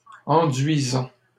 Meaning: present participle of enduire
- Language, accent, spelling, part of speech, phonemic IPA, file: French, Canada, enduisant, verb, /ɑ̃.dɥi.zɑ̃/, LL-Q150 (fra)-enduisant.wav